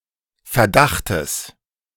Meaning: genitive singular of Verdacht
- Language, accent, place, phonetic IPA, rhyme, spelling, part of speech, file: German, Germany, Berlin, [fɛɐ̯ˈdaxtəs], -axtəs, Verdachtes, noun, De-Verdachtes.ogg